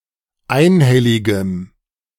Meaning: strong dative masculine/neuter singular of einhellig
- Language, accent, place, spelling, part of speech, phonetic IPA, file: German, Germany, Berlin, einhelligem, adjective, [ˈaɪ̯nˌhɛlɪɡəm], De-einhelligem.ogg